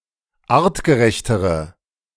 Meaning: inflection of artgerecht: 1. strong/mixed nominative/accusative feminine singular comparative degree 2. strong nominative/accusative plural comparative degree
- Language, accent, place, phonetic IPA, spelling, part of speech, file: German, Germany, Berlin, [ˈaːʁtɡəˌʁɛçtəʁə], artgerechtere, adjective, De-artgerechtere.ogg